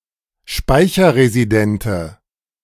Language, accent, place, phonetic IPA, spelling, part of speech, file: German, Germany, Berlin, [ˈʃpaɪ̯çɐʁeziˌdɛntə], speicherresidente, adjective, De-speicherresidente.ogg
- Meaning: inflection of speicherresident: 1. strong/mixed nominative/accusative feminine singular 2. strong nominative/accusative plural 3. weak nominative all-gender singular